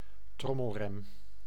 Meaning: drum brake
- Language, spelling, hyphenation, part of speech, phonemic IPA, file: Dutch, trommelrem, trom‧mel‧rem, noun, /ˈtrɔməlˌrɛm/, Nl-trommelrem.ogg